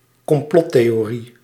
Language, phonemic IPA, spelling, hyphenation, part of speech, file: Dutch, /kɔmˈplɔt.teː.oːˌri/, complottheorie, com‧plot‧the‧o‧rie, noun, Nl-complottheorie.ogg
- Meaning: conspiracy theory